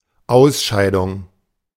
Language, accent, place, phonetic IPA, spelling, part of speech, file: German, Germany, Berlin, [ˈaʊ̯sˌʃaɪ̯dʊŋ], Ausscheidung, noun, De-Ausscheidung.ogg
- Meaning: 1. excretion, elimination, expulsion 2. knockout stage